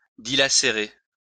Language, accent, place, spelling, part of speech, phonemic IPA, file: French, France, Lyon, dilacérer, verb, /di.la.se.ʁe/, LL-Q150 (fra)-dilacérer.wav
- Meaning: to shred